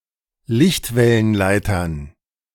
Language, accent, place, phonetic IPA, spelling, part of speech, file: German, Germany, Berlin, [ˈlɪçtvɛlənˌlaɪ̯tɐn], Lichtwellenleitern, noun, De-Lichtwellenleitern.ogg
- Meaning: dative plural of Lichtwellenleiter